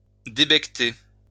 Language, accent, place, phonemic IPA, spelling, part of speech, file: French, France, Lyon, /de.bɛk.te/, débecqueter, verb, LL-Q150 (fra)-débecqueter.wav
- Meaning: alternative form of débecter